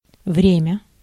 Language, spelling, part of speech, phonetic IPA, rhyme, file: Russian, время, noun, [ˈvrʲemʲə], -emʲə, Ru-время.ogg
- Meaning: 1. time 2. tense